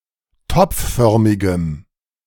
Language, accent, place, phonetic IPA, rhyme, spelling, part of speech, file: German, Germany, Berlin, [ˈtɔp͡fˌfœʁmɪɡəm], -ɔp͡ffœʁmɪɡəm, topfförmigem, adjective, De-topfförmigem.ogg
- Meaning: strong dative masculine/neuter singular of topfförmig